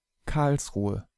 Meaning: 1. an independent city in Baden-Württemberg 2. a rural district of Baden-Württemberg, surrounding but not including the city of Karlsruhe, which nevertheless serves as its administrative seat
- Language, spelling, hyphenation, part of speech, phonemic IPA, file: German, Karlsruhe, Karls‧ru‧he, proper noun, /ˈkaɐ̯lsˌʁuːə/, De-Karlsruhe.ogg